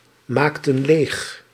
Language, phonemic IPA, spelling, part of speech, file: Dutch, /ˈmaktə(n) ˈlex/, maakten leeg, verb, Nl-maakten leeg.ogg
- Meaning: inflection of leegmaken: 1. plural past indicative 2. plural past subjunctive